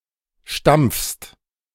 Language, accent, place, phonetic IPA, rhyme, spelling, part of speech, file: German, Germany, Berlin, [ʃtamp͡fst], -amp͡fst, stampfst, verb, De-stampfst.ogg
- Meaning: second-person singular present of stampfen